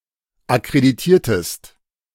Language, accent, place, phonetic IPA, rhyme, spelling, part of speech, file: German, Germany, Berlin, [akʁediˈtiːɐ̯təst], -iːɐ̯təst, akkreditiertest, verb, De-akkreditiertest.ogg
- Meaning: inflection of akkreditieren: 1. second-person singular preterite 2. second-person singular subjunctive II